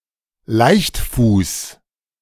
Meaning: A thoughtless, irresponsible person
- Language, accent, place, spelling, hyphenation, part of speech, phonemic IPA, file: German, Germany, Berlin, Leichtfuß, Leicht‧fuß, noun, /ˈlaɪ̯çtˌfuːs/, De-Leichtfuß.ogg